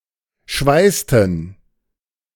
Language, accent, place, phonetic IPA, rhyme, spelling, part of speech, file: German, Germany, Berlin, [ˈʃvaɪ̯stn̩], -aɪ̯stn̩, schweißten, verb, De-schweißten.ogg
- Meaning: inflection of schweißen: 1. first/third-person plural preterite 2. first/third-person plural subjunctive II